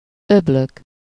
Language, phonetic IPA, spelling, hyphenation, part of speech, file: Hungarian, [ˈøbløk], öblök, öb‧lök, noun, Hu-öblök.ogg
- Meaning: nominative plural of öböl